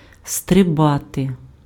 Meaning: to jump, to leap, to bound, to spring, to skip
- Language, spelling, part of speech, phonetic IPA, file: Ukrainian, стрибати, verb, [streˈbate], Uk-стрибати.ogg